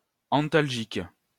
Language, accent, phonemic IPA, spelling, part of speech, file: French, France, /ɑ̃.tal.ʒik/, antalgique, adjective / noun, LL-Q150 (fra)-antalgique.wav
- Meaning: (adjective) analgesic; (noun) analgesic, painkiller